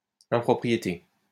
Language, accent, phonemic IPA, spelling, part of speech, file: French, France, /ɛ̃.pʁɔ.pʁi.je.te/, impropriété, noun, LL-Q150 (fra)-impropriété.wav
- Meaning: 1. impropriety 2. incorrectness, inaccuracy